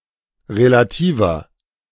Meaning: inflection of relativ: 1. strong/mixed nominative masculine singular 2. strong genitive/dative feminine singular 3. strong genitive plural
- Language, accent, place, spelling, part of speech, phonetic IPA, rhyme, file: German, Germany, Berlin, relativer, adjective, [ʁelaˈtiːvɐ], -iːvɐ, De-relativer.ogg